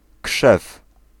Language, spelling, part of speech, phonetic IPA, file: Polish, krzew, noun / verb, [kʃɛf], Pl-krzew.ogg